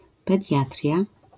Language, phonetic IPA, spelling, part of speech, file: Polish, [pɛˈdʲjatrʲja], pediatria, noun, LL-Q809 (pol)-pediatria.wav